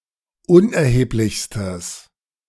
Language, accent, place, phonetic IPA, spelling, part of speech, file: German, Germany, Berlin, [ˈʊnʔɛɐ̯heːplɪçstəs], unerheblichstes, adjective, De-unerheblichstes.ogg
- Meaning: strong/mixed nominative/accusative neuter singular superlative degree of unerheblich